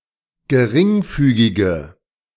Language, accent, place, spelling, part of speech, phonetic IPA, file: German, Germany, Berlin, geringfügige, adjective, [ɡəˈʁɪŋˌfyːɡɪɡə], De-geringfügige.ogg
- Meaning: inflection of geringfügig: 1. strong/mixed nominative/accusative feminine singular 2. strong nominative/accusative plural 3. weak nominative all-gender singular